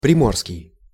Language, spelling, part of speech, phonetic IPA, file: Russian, приморский, adjective, [prʲɪˈmorskʲɪj], Ru-приморский.ogg
- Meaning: coastal, maritime, seaside, littoral